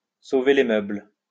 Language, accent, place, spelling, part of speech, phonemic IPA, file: French, France, Lyon, sauver les meubles, verb, /so.ve le mœbl/, LL-Q150 (fra)-sauver les meubles.wav
- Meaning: to salvage what can be salvaged, to save as much as possible, to do damage control, to cut one's losses, to minimize one's losses